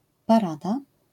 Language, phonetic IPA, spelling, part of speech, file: Polish, [paˈrada], parada, noun, LL-Q809 (pol)-parada.wav